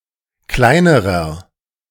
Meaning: inflection of klein: 1. strong/mixed nominative masculine singular comparative degree 2. strong genitive/dative feminine singular comparative degree 3. strong genitive plural comparative degree
- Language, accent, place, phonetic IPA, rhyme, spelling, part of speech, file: German, Germany, Berlin, [ˈklaɪ̯nəʁɐ], -aɪ̯nəʁɐ, kleinerer, adjective, De-kleinerer.ogg